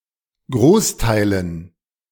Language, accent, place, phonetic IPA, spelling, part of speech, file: German, Germany, Berlin, [ˈɡʁoːsˌtaɪ̯lən], Großteilen, noun, De-Großteilen.ogg
- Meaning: dative plural of Großteil